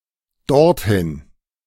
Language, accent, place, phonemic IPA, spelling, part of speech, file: German, Germany, Berlin, /dɔʁtˈhɪn/, dorthin, adverb, De-dorthin.ogg
- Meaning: there (to that place), thither